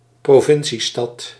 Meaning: a (relatively small) provincial city or town, not being part of a large conurbation
- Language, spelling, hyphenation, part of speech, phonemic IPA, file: Dutch, provinciestad, pro‧vin‧cie‧stad, noun, /proːˈvɪn.siˌstɑt/, Nl-provinciestad.ogg